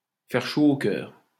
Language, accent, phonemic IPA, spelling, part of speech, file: French, France, /fɛʁ ʃo o kœʁ/, faire chaud au cœur, verb, LL-Q150 (fra)-faire chaud au cœur.wav
- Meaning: to gladden (someone's) heart, to to warm the cockles of (someone's) heart, to do (someone's) heart good, to be heart-warming